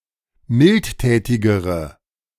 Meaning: inflection of mildtätig: 1. strong/mixed nominative/accusative feminine singular comparative degree 2. strong nominative/accusative plural comparative degree
- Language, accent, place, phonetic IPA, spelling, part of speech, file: German, Germany, Berlin, [ˈmɪltˌtɛːtɪɡəʁə], mildtätigere, adjective, De-mildtätigere.ogg